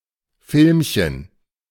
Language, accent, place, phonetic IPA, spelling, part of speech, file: German, Germany, Berlin, [ˈfɪlmçən], Filmchen, noun, De-Filmchen.ogg
- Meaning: diminutive of Film